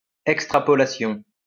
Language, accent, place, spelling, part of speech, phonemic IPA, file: French, France, Lyon, extrapolation, noun, /ɛk.stʁa.pɔ.la.sjɔ̃/, LL-Q150 (fra)-extrapolation.wav
- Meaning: extrapolation